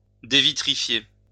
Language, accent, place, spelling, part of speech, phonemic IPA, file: French, France, Lyon, dévitrifier, verb, /de.vi.tʁi.fje/, LL-Q150 (fra)-dévitrifier.wav
- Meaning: to devitrify